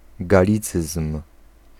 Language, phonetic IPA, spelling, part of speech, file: Polish, [ɡaˈlʲit͡sɨsm̥], galicyzm, noun, Pl-galicyzm.ogg